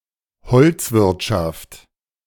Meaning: lumbering, timber / lumber industry
- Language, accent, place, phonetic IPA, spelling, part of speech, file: German, Germany, Berlin, [ˈhɔlt͡sˌvɪʁtʃaft], Holzwirtschaft, noun, De-Holzwirtschaft.ogg